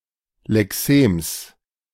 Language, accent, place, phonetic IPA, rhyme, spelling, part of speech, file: German, Germany, Berlin, [lɛˈkseːms], -eːms, Lexems, noun, De-Lexems.ogg
- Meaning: genitive of Lexem